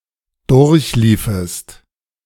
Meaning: second-person singular subjunctive II of durchlaufen
- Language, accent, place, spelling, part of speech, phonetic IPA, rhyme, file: German, Germany, Berlin, durchliefest, verb, [ˈdʊʁçˌliːfəst], -iːfəst, De-durchliefest.ogg